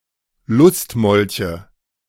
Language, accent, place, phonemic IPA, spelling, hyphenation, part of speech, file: German, Germany, Berlin, /ˈlʊstˌmɔlçə/, Lustmolche, Lust‧mol‧che, noun, De-Lustmolche.ogg
- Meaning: nominative/accusative/genitive plural of Lustmolch